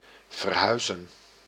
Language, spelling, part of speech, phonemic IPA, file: Dutch, verhuizen, verb, /vərˈɦœy̯ˌzə(n)/, Nl-verhuizen.ogg
- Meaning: to move house (to move from one residence to another)